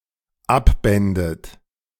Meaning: second-person plural dependent subjunctive II of abbinden
- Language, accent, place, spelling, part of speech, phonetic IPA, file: German, Germany, Berlin, abbändet, verb, [ˈapˌbɛndət], De-abbändet.ogg